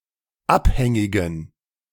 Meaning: inflection of abhängig: 1. strong genitive masculine/neuter singular 2. weak/mixed genitive/dative all-gender singular 3. strong/weak/mixed accusative masculine singular 4. strong dative plural
- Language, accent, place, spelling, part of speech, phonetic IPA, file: German, Germany, Berlin, abhängigen, adjective, [ˈapˌhɛŋɪɡn̩], De-abhängigen.ogg